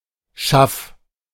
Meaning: 1. wooden container, tub, barrel 2. cupboard, cabinet
- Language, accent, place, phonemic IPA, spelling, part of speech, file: German, Germany, Berlin, /ʃaf/, Schaff, noun, De-Schaff.ogg